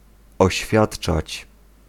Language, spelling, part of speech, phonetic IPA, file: Polish, oświadczać, verb, [ɔɕˈfʲjaṭt͡ʃat͡ɕ], Pl-oświadczać.ogg